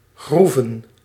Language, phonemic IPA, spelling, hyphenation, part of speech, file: Dutch, /ˈɣru.və(n)/, groeven, groe‧ven, verb / noun, Nl-groeven.ogg
- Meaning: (verb) to create a groove on an object; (noun) 1. plural of groef 2. plural of groeve; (verb) inflection of graven: 1. plural past indicative 2. plural past subjunctive